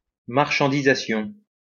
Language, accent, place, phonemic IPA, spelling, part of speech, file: French, France, Lyon, /maʁ.ʃɑ̃.di.za.sjɔ̃/, marchandisation, noun, LL-Q150 (fra)-marchandisation.wav
- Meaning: merchandising